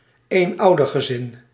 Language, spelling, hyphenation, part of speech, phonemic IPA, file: Dutch, eenoudergezin, een‧ou‧der‧ge‧zin, noun, /eːnˈɑu̯.dər.ɣəˌzɪn/, Nl-eenoudergezin.ogg
- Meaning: a single-parent family